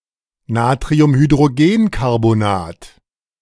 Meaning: sodium bicarbonate, NaHCO₃
- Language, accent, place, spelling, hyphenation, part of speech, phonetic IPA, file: German, Germany, Berlin, Natriumhydrogencarbonat, Na‧tri‧um‧hy‧d‧ro‧gen‧car‧bo‧nat, noun, [naːtʁiʊmhydʁoˈɡeːnkaʁbonaːt], De-Natriumhydrogencarbonat.ogg